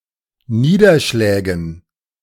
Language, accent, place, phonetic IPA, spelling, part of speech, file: German, Germany, Berlin, [ˈniːdɐˌʃlɛːɡn̩], Niederschlägen, noun, De-Niederschlägen.ogg
- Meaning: dative plural of Niederschlag